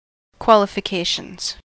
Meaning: plural of qualification
- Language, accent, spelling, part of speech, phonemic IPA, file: English, US, qualifications, noun, /ˌkwɑlɪfɪˈkeɪʃənz/, En-us-qualifications.ogg